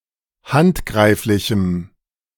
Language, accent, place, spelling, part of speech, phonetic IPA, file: German, Germany, Berlin, handgreiflichem, adjective, [ˈhantˌɡʁaɪ̯flɪçm̩], De-handgreiflichem.ogg
- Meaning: strong dative masculine/neuter singular of handgreiflich